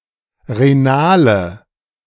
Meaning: inflection of renal: 1. strong/mixed nominative/accusative feminine singular 2. strong nominative/accusative plural 3. weak nominative all-gender singular 4. weak accusative feminine/neuter singular
- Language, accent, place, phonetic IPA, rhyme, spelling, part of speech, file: German, Germany, Berlin, [ʁeˈnaːlə], -aːlə, renale, adjective, De-renale.ogg